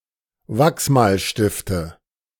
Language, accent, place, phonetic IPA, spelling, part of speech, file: German, Germany, Berlin, [ˈvaksmaːlʃtɪftə], Wachsmalstifte, noun, De-Wachsmalstifte.ogg
- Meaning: nominative/accusative/genitive plural of Wachsmalstift